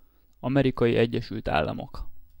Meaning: United States of America (a country in North America)
- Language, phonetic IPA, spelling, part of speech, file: Hungarian, [ˈɒmɛrikɒji ˈɛɟːɛʃylt ˈaːlːɒmok], Amerikai Egyesült Államok, proper noun, Hu-Amerikai Egyesült Államok.ogg